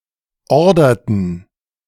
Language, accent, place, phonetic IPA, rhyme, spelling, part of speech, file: German, Germany, Berlin, [ˈɔʁdɐtn̩], -ɔʁdɐtn̩, orderten, verb, De-orderten.ogg
- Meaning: inflection of ordern: 1. first/third-person plural preterite 2. first/third-person plural subjunctive II